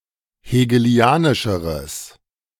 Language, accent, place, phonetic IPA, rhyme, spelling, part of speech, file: German, Germany, Berlin, [heːɡəˈli̯aːnɪʃəʁəs], -aːnɪʃəʁəs, hegelianischeres, adjective, De-hegelianischeres.ogg
- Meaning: strong/mixed nominative/accusative neuter singular comparative degree of hegelianisch